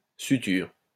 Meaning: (noun) suture; stitch; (verb) inflection of suturer: 1. first/third-person singular present indicative/subjunctive 2. second-person singular imperative
- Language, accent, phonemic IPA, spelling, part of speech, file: French, France, /sy.tyʁ/, suture, noun / verb, LL-Q150 (fra)-suture.wav